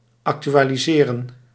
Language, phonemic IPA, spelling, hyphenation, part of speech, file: Dutch, /ˌɑk.ty.aː.liˈzeː.rə(n)/, actualiseren, ac‧tu‧a‧li‧se‧ren, verb, Nl-actualiseren.ogg
- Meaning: 1. to update (to make something up to date) 2. to modernise (to adapt something to modern times) 3. to actualise (to make or become actual, real or realised)